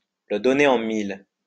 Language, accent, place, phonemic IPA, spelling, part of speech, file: French, France, Lyon, /lə dɔ.ne ɑ̃ mil/, le donner en mille, verb, LL-Q150 (fra)-le donner en mille.wav
- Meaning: to let someone guess (used to dramatise something unsurprising.)